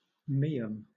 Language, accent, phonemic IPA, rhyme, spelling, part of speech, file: English, Southern England, /ˈmiːəm/, -iːəm, meum, noun, LL-Q1860 (eng)-meum.wav
- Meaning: spignel, Meum athamanticum